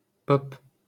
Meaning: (adjective) pop (popular); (noun) pop, pop music
- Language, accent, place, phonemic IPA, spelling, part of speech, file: French, France, Paris, /pɔp/, pop, adjective / noun, LL-Q150 (fra)-pop.wav